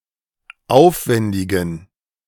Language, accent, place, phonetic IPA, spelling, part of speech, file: German, Germany, Berlin, [ˈaʊ̯fˌvɛndɪɡn̩], aufwendigen, adjective, De-aufwendigen.ogg
- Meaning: inflection of aufwendig: 1. strong genitive masculine/neuter singular 2. weak/mixed genitive/dative all-gender singular 3. strong/weak/mixed accusative masculine singular 4. strong dative plural